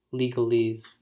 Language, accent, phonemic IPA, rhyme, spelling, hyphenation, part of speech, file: English, US, /ˌli.ɡəˈliz/, -iːz, legalese, le‧gal‧ese, noun, En-us-legalese.ogg
- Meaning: Technical jargon common in the legal profession; the argot of lawyers